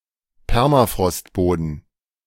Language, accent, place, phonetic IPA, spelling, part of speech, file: German, Germany, Berlin, [ˈpɛʁmafʁɔstˌboːdn̩], Permafrostboden, noun, De-Permafrostboden.ogg
- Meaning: permafrost